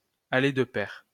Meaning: to go hand in hand
- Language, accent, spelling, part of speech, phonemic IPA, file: French, France, aller de pair, verb, /a.le d(ə) pɛʁ/, LL-Q150 (fra)-aller de pair.wav